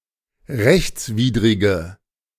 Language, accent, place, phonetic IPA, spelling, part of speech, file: German, Germany, Berlin, [ˈʁɛçt͡sˌviːdʁɪɡə], rechtswidrige, adjective, De-rechtswidrige.ogg
- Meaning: inflection of rechtswidrig: 1. strong/mixed nominative/accusative feminine singular 2. strong nominative/accusative plural 3. weak nominative all-gender singular